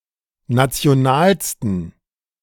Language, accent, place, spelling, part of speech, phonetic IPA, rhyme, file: German, Germany, Berlin, nationalsten, adjective, [ˌnat͡si̯oˈnaːlstn̩], -aːlstn̩, De-nationalsten.ogg
- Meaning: 1. superlative degree of national 2. inflection of national: strong genitive masculine/neuter singular superlative degree